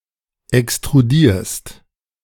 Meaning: second-person singular present of extrudieren
- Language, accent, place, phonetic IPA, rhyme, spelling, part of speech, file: German, Germany, Berlin, [ɛkstʁuˈdiːɐ̯st], -iːɐ̯st, extrudierst, verb, De-extrudierst.ogg